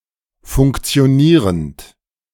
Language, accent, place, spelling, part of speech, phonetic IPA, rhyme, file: German, Germany, Berlin, funktionierend, verb, [fʊŋkt͡si̯oˈniːʁənt], -iːʁənt, De-funktionierend.ogg
- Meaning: present participle of funktionieren